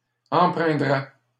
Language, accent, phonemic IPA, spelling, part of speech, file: French, Canada, /ɑ̃.pʁɛ̃.dʁɛ/, empreindrais, verb, LL-Q150 (fra)-empreindrais.wav
- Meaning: first/second-person singular conditional of empreindre